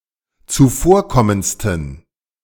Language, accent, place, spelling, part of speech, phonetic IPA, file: German, Germany, Berlin, zuvorkommendsten, adjective, [t͡suˈfoːɐ̯ˌkɔmənt͡stn̩], De-zuvorkommendsten.ogg
- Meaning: superlative degree of zuvorkommend